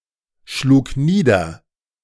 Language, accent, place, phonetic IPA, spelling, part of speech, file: German, Germany, Berlin, [ˌʃluːk ˈniːdɐ], schlug nieder, verb, De-schlug nieder.ogg
- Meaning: first/third-person singular preterite of niederschlagen